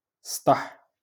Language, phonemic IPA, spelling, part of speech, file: Moroccan Arabic, /stˤaħ/, سطح, noun, LL-Q56426 (ary)-سطح.wav
- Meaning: roof